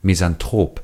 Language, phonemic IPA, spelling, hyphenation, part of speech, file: German, /mis.an.ˈtʁoːp/, Misanthrop, Mis‧an‧throp, noun, De-Misanthrop.ogg
- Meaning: misanthrope (male or of unspecified gender)